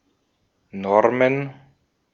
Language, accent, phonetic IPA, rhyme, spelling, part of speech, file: German, Austria, [ˈnɔʁmən], -ɔʁmən, Normen, noun, De-at-Normen.ogg
- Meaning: plural of Norm